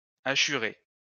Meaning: past participle of hachurer
- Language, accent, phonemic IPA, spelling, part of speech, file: French, France, /a.ʃy.ʁe/, hachuré, verb, LL-Q150 (fra)-hachuré.wav